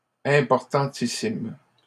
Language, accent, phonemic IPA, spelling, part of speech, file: French, Canada, /ɛ̃.pɔʁ.tɑ̃.ti.sim/, importantissime, adjective, LL-Q150 (fra)-importantissime.wav
- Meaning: very important